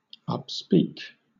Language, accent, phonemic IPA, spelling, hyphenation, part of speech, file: English, Southern England, /ʌpˈspiːk/, upspeak, up‧speak, verb / noun, LL-Q1860 (eng)-upspeak.wav
- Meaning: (verb) 1. To speak up; advocate 2. To speak with upspeak; uptalk